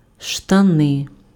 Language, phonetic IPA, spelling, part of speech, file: Ukrainian, [ʃtɐˈnɪ], штани, noun, Uk-штани.ogg
- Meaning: trousers, pants